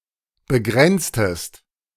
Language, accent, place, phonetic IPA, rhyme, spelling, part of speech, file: German, Germany, Berlin, [bəˈɡʁɛnt͡stəst], -ɛnt͡stəst, begrenztest, verb, De-begrenztest.ogg
- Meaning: inflection of begrenzen: 1. second-person singular preterite 2. second-person singular subjunctive II